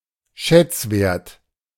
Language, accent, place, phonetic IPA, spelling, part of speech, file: German, Germany, Berlin, [ˈʃɛt͡sˌveːɐ̯t], Schätzwert, noun, De-Schätzwert.ogg
- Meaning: valuation, appraisal